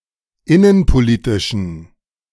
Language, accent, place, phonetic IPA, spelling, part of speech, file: German, Germany, Berlin, [ˈɪnənpoˌliːtɪʃn̩], innenpolitischen, adjective, De-innenpolitischen.ogg
- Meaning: inflection of innenpolitisch: 1. strong genitive masculine/neuter singular 2. weak/mixed genitive/dative all-gender singular 3. strong/weak/mixed accusative masculine singular 4. strong dative plural